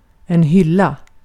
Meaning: 1. a shelf, a rack 2. women's breasts; rack
- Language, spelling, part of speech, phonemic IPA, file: Swedish, hylla, noun, /hʏlːa/, Sv-hylla.ogg